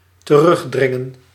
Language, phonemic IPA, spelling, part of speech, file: Dutch, /t(ə)ˈrʏɣ.drɪŋə(n)/, terugdringen, verb, Nl-terugdringen.ogg
- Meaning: to force back, push back